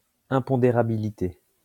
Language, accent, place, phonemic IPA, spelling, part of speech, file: French, France, Lyon, /ɛ̃.pɔ̃.de.ʁa.bi.li.te/, impondérabilité, noun, LL-Q150 (fra)-impondérabilité.wav
- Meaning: imponderability